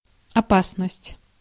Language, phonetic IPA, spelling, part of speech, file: Russian, [ɐˈpasnəsʲtʲ], опасность, noun, Ru-опасность.ogg
- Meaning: 1. danger, peril 2. dangerousness